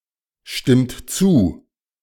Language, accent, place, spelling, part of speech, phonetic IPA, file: German, Germany, Berlin, stimmt zu, verb, [ˌʃtɪmt ˈt͡suː], De-stimmt zu.ogg
- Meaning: inflection of zustimmen: 1. third-person singular present 2. second-person plural present 3. plural imperative